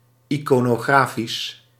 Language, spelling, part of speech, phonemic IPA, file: Dutch, iconografisch, adjective, /ikonoˈɣrafis/, Nl-iconografisch.ogg
- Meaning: iconographic